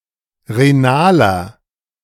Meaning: inflection of renal: 1. strong/mixed nominative masculine singular 2. strong genitive/dative feminine singular 3. strong genitive plural
- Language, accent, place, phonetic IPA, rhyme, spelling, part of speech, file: German, Germany, Berlin, [ʁeˈnaːlɐ], -aːlɐ, renaler, adjective, De-renaler.ogg